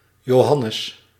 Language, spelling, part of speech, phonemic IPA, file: Dutch, Johannes, proper noun, /joːˈɦɑnəs/, Nl-Johannes.ogg
- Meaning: 1. John 2. John (book of the Bible)